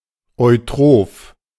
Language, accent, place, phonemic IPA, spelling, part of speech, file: German, Germany, Berlin, /ɔɪ̯ˈtʁoːf/, eutroph, adjective, De-eutroph.ogg
- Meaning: eutrophic